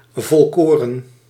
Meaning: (adjective) wholemeal; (noun) wholemeal products
- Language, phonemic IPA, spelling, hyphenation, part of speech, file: Dutch, /ˌvɔlˈkoː.rə(n)/, volkoren, vol‧ko‧ren, adjective / noun, Nl-volkoren.ogg